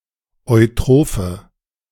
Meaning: inflection of eutroph: 1. strong/mixed nominative/accusative feminine singular 2. strong nominative/accusative plural 3. weak nominative all-gender singular 4. weak accusative feminine/neuter singular
- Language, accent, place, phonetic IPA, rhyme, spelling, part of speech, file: German, Germany, Berlin, [ɔɪ̯ˈtʁoːfə], -oːfə, eutrophe, adjective, De-eutrophe.ogg